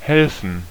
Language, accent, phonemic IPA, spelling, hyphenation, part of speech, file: German, Germany, /ˈhɛlfn̩/, helfen, hel‧fen, verb, De-helfen.ogg
- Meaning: to help (someone); to assist; to aid